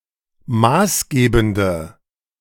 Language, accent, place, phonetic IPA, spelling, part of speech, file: German, Germany, Berlin, [ˈmaːsˌɡeːbn̩də], maßgebende, adjective, De-maßgebende.ogg
- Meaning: inflection of maßgebend: 1. strong/mixed nominative/accusative feminine singular 2. strong nominative/accusative plural 3. weak nominative all-gender singular